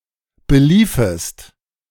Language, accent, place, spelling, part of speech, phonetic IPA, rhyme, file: German, Germany, Berlin, beliefest, verb, [bəˈliːfəst], -iːfəst, De-beliefest.ogg
- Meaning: second-person singular subjunctive II of belaufen